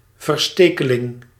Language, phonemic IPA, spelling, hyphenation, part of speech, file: Dutch, /vərˈsteː.kəˌlɪŋ/, verstekeling, ver‧ste‧ke‧ling, noun, Nl-verstekeling.ogg
- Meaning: stowaway